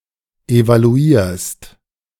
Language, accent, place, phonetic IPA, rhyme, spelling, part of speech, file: German, Germany, Berlin, [evaluˈiːɐ̯st], -iːɐ̯st, evaluierst, verb, De-evaluierst.ogg
- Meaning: second-person singular present of evaluieren